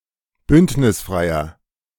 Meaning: inflection of bündnisfrei: 1. strong/mixed nominative masculine singular 2. strong genitive/dative feminine singular 3. strong genitive plural
- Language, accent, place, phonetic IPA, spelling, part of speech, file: German, Germany, Berlin, [ˈbʏntnɪsˌfʁaɪ̯ɐ], bündnisfreier, adjective, De-bündnisfreier.ogg